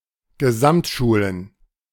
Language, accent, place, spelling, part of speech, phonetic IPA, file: German, Germany, Berlin, Gesamtschulen, noun, [ɡəˈzamtʃuːlən], De-Gesamtschulen.ogg
- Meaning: plural of Gesamtschule